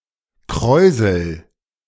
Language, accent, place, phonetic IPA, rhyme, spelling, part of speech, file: German, Germany, Berlin, [ˈkʁɔɪ̯zl̩], -ɔɪ̯zl̩, kräusel, verb, De-kräusel.ogg
- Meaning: inflection of kräuseln: 1. first-person singular present 2. singular imperative